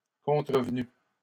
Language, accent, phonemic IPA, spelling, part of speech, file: French, Canada, /kɔ̃.tʁə.v(ə).ny/, contrevenu, verb, LL-Q150 (fra)-contrevenu.wav
- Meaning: past participle of contrevenir